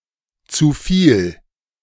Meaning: too much
- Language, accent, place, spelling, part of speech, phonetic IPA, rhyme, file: German, Germany, Berlin, zu viel, phrase, [ˈt͡suː fiːl], -iːl, De-zu viel.ogg